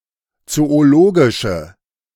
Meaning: inflection of zoologisch: 1. strong/mixed nominative/accusative feminine singular 2. strong nominative/accusative plural 3. weak nominative all-gender singular
- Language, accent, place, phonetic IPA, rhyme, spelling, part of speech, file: German, Germany, Berlin, [ˌt͡sooˈloːɡɪʃə], -oːɡɪʃə, zoologische, adjective, De-zoologische.ogg